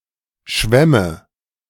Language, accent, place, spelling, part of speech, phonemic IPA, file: German, Germany, Berlin, Schwemme, noun, /ˈʃvɛmə/, De-Schwemme.ogg
- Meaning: 1. glut 2. a part of a beer hall with room for a large number of guests